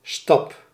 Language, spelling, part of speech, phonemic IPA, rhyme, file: Dutch, stap, noun / verb, /stɑp/, -ɑp, Nl-stap.ogg
- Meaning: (noun) step; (verb) inflection of stappen: 1. first-person singular present indicative 2. second-person singular present indicative 3. imperative